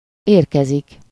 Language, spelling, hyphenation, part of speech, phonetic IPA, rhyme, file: Hungarian, érkezik, ér‧ke‧zik, verb, [ˈeːrkɛzik], -ɛzik, Hu-érkezik.ogg
- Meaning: to arrive (to get to a certain place), to reach a destination